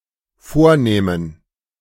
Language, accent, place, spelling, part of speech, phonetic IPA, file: German, Germany, Berlin, vornähmen, verb, [ˈfoːɐ̯ˌnɛːmən], De-vornähmen.ogg
- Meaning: first/third-person plural dependent subjunctive II of vornehmen